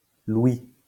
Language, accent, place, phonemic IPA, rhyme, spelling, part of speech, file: French, France, Lyon, /lwi/, -wi, louis, noun, LL-Q150 (fra)-louis.wav
- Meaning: 1. a louis: various gold and silver coins issued by the Kingdom, Republic, and (slang) Empire of France 2. 20 francs